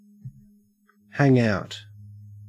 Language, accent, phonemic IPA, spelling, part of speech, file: English, Australia, /ˈhæŋ ˈaʊt/, hang out, verb, En-au-hang out.ogg
- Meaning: 1. To spend time with somebody; to regularly meet with somebody 2. To lodge or reside; to exist 3. To be unyielding; to hold out 4. To crave or desperately want (something) 5. To endure or delay